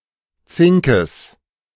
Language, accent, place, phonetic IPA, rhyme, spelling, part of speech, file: German, Germany, Berlin, [ˈt͡sɪŋkəs], -ɪŋkəs, Zinkes, noun, De-Zinkes.ogg
- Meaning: genitive singular of Zink